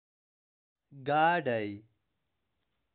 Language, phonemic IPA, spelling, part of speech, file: Pashto, /ˈɡɑ.ɖaɪ/, ګاډی, noun, ګاډی.ogg
- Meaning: 1. carriage 2. car 3. vehicle